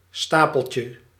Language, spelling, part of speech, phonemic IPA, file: Dutch, stapeltje, noun, /ˈstapəlcə/, Nl-stapeltje.ogg
- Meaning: diminutive of stapel